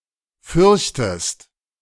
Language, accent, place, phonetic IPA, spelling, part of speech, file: German, Germany, Berlin, [ˈfʏʁçtəst], fürchtest, verb, De-fürchtest.ogg
- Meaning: inflection of fürchten: 1. second-person singular present 2. second-person singular subjunctive I